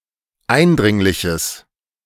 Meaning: strong/mixed nominative/accusative neuter singular of eindringlich
- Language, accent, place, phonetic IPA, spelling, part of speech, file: German, Germany, Berlin, [ˈaɪ̯nˌdʁɪŋlɪçəs], eindringliches, adjective, De-eindringliches.ogg